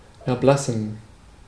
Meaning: 1. to turn pale; to turn white 2. to die
- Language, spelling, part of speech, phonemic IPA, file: German, erblassen, verb, /ɛɐ̯ˈblasn̩/, De-erblassen.ogg